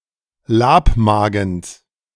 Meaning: genitive singular of Labmagen
- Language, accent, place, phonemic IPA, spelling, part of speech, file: German, Germany, Berlin, /ˈlaːpˌmaːɡn̩s/, Labmagens, noun, De-Labmagens.ogg